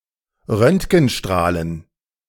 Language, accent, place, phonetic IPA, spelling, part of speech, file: German, Germany, Berlin, [ˈʁœntɡn̩ˌʃtʁaːlən], Röntgenstrahlen, noun, De-Röntgenstrahlen.ogg
- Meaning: dative plural of Röntgenstrahl